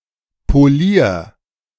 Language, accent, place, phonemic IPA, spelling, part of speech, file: German, Germany, Berlin, /poˈliːɐ̯/, Polier, noun, De-Polier.ogg
- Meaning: foreman